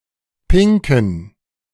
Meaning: inflection of pink: 1. strong genitive masculine/neuter singular 2. weak/mixed genitive/dative all-gender singular 3. strong/weak/mixed accusative masculine singular 4. strong dative plural
- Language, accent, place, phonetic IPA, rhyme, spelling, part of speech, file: German, Germany, Berlin, [ˈpɪŋkn̩], -ɪŋkn̩, pinken, adjective, De-pinken.ogg